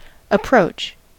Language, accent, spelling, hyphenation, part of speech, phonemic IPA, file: English, General American, approach, ap‧proach, verb / noun, /əˈpɹoʊt͡ʃ/, En-us-approach.ogg
- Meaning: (verb) 1. To come or go near, in place or time; to move toward; to advance nearer; to draw nigh 2. To play an approach shot